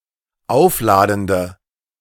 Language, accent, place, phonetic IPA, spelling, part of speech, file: German, Germany, Berlin, [ˈaʊ̯fˌlaːdn̩də], aufladende, adjective, De-aufladende.ogg
- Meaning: inflection of aufladend: 1. strong/mixed nominative/accusative feminine singular 2. strong nominative/accusative plural 3. weak nominative all-gender singular